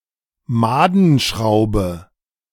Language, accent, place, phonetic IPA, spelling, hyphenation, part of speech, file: German, Germany, Berlin, [ˈmaːdn̩ˌʃʁaʊ̯bə], Madenschraube, Ma‧den‧schrau‧be, noun, De-Madenschraube.ogg
- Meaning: set screw (A screw with threads the entire length and no head.)